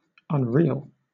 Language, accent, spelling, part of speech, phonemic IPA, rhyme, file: English, Southern England, unreal, adjective, /ʌnˈɹi.əl/, -iːəl, LL-Q1860 (eng)-unreal.wav
- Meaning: Not real or substantial; having no actual presence in reality; lacking the characteristics of reality